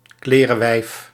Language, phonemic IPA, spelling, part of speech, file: Dutch, /ˈklerəˌwɛif/, klerewijf, noun, Nl-klerewijf.ogg
- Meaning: woman with cholera